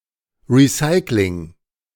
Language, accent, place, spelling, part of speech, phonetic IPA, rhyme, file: German, Germany, Berlin, Recycling, noun, [ʁiˈsaɪ̯klɪŋ], -aɪ̯klɪŋ, De-Recycling.ogg
- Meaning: recycling (process)